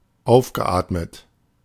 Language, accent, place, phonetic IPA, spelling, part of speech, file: German, Germany, Berlin, [ˈaʊ̯fɡəˌʔaːtmət], aufgeatmet, verb, De-aufgeatmet.ogg
- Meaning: past participle of aufatmen